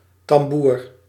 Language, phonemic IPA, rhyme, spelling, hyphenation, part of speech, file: Dutch, /tɑmˈbuːr/, -uːr, tamboer, tam‧boer, noun, Nl-tamboer.ogg
- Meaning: 1. marching drum 2. military-style drummer